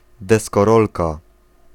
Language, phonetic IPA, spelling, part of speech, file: Polish, [ˌdɛskɔˈrɔlka], deskorolka, noun, Pl-deskorolka.ogg